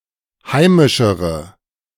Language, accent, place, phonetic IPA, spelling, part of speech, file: German, Germany, Berlin, [ˈhaɪ̯mɪʃəʁə], heimischere, adjective, De-heimischere.ogg
- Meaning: inflection of heimisch: 1. strong/mixed nominative/accusative feminine singular comparative degree 2. strong nominative/accusative plural comparative degree